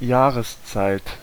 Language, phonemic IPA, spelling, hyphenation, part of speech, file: German, /ˈjaːʁəsˌt͡saɪ̯t/, Jahreszeit, Jah‧res‧zeit, noun, De-Jahreszeit.ogg
- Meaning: season, time of year